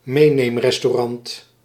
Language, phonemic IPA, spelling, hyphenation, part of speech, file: Dutch, /ˈmeː.neːm.rɛs.toːˌrɑnt/, meeneemrestaurant, mee‧neem‧res‧tau‧rant, noun, Nl-meeneemrestaurant.ogg
- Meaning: takeaway (restaurant)